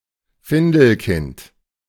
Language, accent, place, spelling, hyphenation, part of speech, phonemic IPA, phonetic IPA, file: German, Germany, Berlin, Findelkind, Fin‧del‧kind, noun, /ˈfɪndəlˌkɪnt/, [ˈfɪndl̩ˌkɪnt], De-Findelkind.ogg
- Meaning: foundling